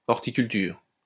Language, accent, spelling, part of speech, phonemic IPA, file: French, France, horticulture, noun, /ɔʁ.ti.kyl.tyʁ/, LL-Q150 (fra)-horticulture.wav
- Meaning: horticulture